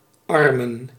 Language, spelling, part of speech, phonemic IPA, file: Dutch, armen, noun, /ˈɑrmə(n)/, Nl-armen.ogg
- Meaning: 1. plural of arm 2. plural of arme